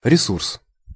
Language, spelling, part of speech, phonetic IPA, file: Russian, ресурс, noun, [rʲɪˈsurs], Ru-ресурс.ogg
- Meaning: resource (something that one uses to achieve an objective)